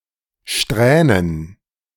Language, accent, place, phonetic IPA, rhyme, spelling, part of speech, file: German, Germany, Berlin, [ˈʃtʁɛːnən], -ɛːnən, Strähnen, noun, De-Strähnen.ogg
- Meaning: plural of Strähne